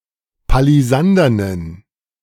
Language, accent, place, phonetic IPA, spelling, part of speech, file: German, Germany, Berlin, [paliˈzandɐnən], palisandernen, adjective, De-palisandernen.ogg
- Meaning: inflection of palisandern: 1. strong genitive masculine/neuter singular 2. weak/mixed genitive/dative all-gender singular 3. strong/weak/mixed accusative masculine singular 4. strong dative plural